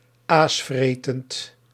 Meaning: scavenging (eating carrion)
- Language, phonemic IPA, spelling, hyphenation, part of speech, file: Dutch, /ˈaːsˌfreː.tənt/, aasvretend, aas‧vretend, adjective, Nl-aasvretend.ogg